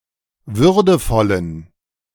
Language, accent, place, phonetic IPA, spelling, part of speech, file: German, Germany, Berlin, [ˈvʏʁdəfɔlən], würdevollen, adjective, De-würdevollen.ogg
- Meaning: inflection of würdevoll: 1. strong genitive masculine/neuter singular 2. weak/mixed genitive/dative all-gender singular 3. strong/weak/mixed accusative masculine singular 4. strong dative plural